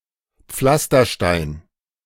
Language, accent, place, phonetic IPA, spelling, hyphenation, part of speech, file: German, Germany, Berlin, [ˈp͡flastɐˌʃtaɪ̯n], Pflasterstein, Pflas‧ter‧stein, noun, De-Pflasterstein.ogg
- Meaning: paving stone